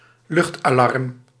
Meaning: air raid siren, civil defence siren (public siren system used for various warnings)
- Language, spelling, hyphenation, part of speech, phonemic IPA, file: Dutch, luchtalarm, lucht‧alarm, noun, /ˈlʏxt.aːˌlɑrm/, Nl-luchtalarm.ogg